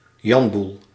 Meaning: mess, chaos, disorderly situation
- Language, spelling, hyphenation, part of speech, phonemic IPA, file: Dutch, janboel, jan‧boel, noun, /ˈjɑn.bul/, Nl-janboel.ogg